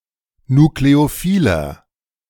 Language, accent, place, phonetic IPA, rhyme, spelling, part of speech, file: German, Germany, Berlin, [nukleoˈfiːlɐ], -iːlɐ, nukleophiler, adjective, De-nukleophiler.ogg
- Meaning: 1. comparative degree of nukleophil 2. inflection of nukleophil: strong/mixed nominative masculine singular 3. inflection of nukleophil: strong genitive/dative feminine singular